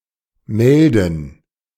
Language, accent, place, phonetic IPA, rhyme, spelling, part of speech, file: German, Germany, Berlin, [ˈmɛldn̩], -ɛldn̩, Melden, noun, De-Melden.ogg
- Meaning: plural of Melde